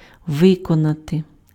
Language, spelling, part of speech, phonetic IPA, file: Ukrainian, виконати, verb, [ˈʋɪkɔnɐte], Uk-виконати.ogg
- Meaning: to execute, to perform, to carry out, to accomplish, to effectuate